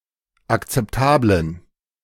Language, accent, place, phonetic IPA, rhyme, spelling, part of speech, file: German, Germany, Berlin, [akt͡sɛpˈtaːblən], -aːblən, akzeptablen, adjective, De-akzeptablen.ogg
- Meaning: inflection of akzeptabel: 1. strong genitive masculine/neuter singular 2. weak/mixed genitive/dative all-gender singular 3. strong/weak/mixed accusative masculine singular 4. strong dative plural